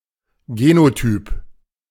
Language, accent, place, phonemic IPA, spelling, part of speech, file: German, Germany, Berlin, /ɡenoˈtyːp/, Genotyp, noun, De-Genotyp.ogg
- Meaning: genotype